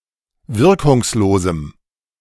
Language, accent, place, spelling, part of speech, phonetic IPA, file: German, Germany, Berlin, wirkungslosem, adjective, [ˈvɪʁkʊŋsˌloːzm̩], De-wirkungslosem.ogg
- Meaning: strong dative masculine/neuter singular of wirkungslos